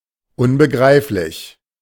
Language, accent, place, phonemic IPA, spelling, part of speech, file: German, Germany, Berlin, /ʊnbəˌɡʁaɪ̯flɪç/, unbegreiflich, adjective, De-unbegreiflich.ogg
- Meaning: 1. incomprehensible 2. inconceivable 3. inscrutable